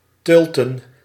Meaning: to move in a certain gait known as tölt
- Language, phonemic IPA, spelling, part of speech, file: Dutch, /tɵltə(n)/, tölten, verb, Nl-tölten.ogg